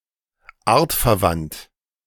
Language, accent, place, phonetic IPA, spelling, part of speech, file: German, Germany, Berlin, [ˈaːɐ̯tfɛɐ̯ˌvant], artverwandt, adjective, De-artverwandt.ogg
- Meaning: species-related